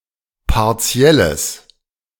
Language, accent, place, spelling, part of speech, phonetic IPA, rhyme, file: German, Germany, Berlin, partielles, adjective, [paʁˈt͡si̯ɛləs], -ɛləs, De-partielles.ogg
- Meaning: strong/mixed nominative/accusative neuter singular of partiell